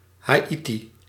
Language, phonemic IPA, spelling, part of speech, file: Dutch, /ˌɦaːˈiti/, Haïti, proper noun, Nl-Haïti.ogg
- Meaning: Haiti (a country in the Caribbean)